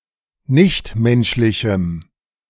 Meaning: strong dative masculine/neuter singular of nichtmenschlich
- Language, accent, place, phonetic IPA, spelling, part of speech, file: German, Germany, Berlin, [ˈnɪçtˌmɛnʃlɪçm̩], nichtmenschlichem, adjective, De-nichtmenschlichem.ogg